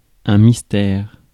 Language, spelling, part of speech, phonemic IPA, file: French, mystère, noun, /mis.tɛʁ/, Fr-mystère.ogg
- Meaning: 1. mystery 2. mystery play